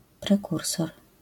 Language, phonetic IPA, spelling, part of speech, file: Polish, [prɛˈkursɔr], prekursor, noun, LL-Q809 (pol)-prekursor.wav